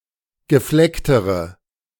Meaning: inflection of gefleckt: 1. strong/mixed nominative/accusative feminine singular comparative degree 2. strong nominative/accusative plural comparative degree
- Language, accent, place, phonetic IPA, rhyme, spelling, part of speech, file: German, Germany, Berlin, [ɡəˈflɛktəʁə], -ɛktəʁə, geflecktere, adjective, De-geflecktere.ogg